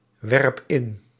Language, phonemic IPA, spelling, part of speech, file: Dutch, /ˈwɛrᵊp ˈɪn/, werp in, verb, Nl-werp in.ogg
- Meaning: inflection of inwerpen: 1. first-person singular present indicative 2. second-person singular present indicative 3. imperative